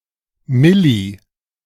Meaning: milli-
- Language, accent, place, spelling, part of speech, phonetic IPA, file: German, Germany, Berlin, milli-, prefix, [ˈmɪli], De-milli-.ogg